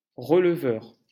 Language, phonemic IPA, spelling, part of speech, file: French, /ʁə.l(ə).vœʁ/, releveur, noun, LL-Q150 (fra)-releveur.wav
- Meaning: 1. elevator (muscle) 2. one who takes notes, who records (something)